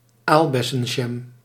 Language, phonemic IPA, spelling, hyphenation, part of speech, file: Dutch, /ˈaːl.bɛ.sə(n)ˌʒɛm/, aalbessenjam, aal‧bes‧sen‧jam, noun, Nl-aalbessenjam.ogg
- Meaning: jam made with currant (redcurrant or whitecurrant)